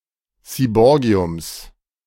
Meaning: genitive singular of Seaborgium
- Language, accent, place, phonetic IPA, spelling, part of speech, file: German, Germany, Berlin, [siːˈbɔːɡi̯ʊms], Seaborgiums, noun, De-Seaborgiums.ogg